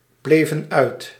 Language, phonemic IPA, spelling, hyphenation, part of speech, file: Dutch, /ˌbleː.vən ˈœy̯t/, bleven uit, ble‧ven uit, verb, Nl-bleven uit.ogg
- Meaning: inflection of uitblijven: 1. plural past indicative 2. plural past subjunctive